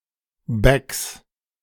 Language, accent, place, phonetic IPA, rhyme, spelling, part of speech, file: German, Germany, Berlin, [bɛks], -ɛks, Backs, noun, De-Backs.ogg
- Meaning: 1. genitive singular of Back 2. plural of Back